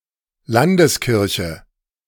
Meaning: 1. regional church 2. national church
- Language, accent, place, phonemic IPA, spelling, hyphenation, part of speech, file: German, Germany, Berlin, /ˈlandəsˌkɪʁçə/, Landeskirche, Lan‧des‧kir‧che, noun, De-Landeskirche.ogg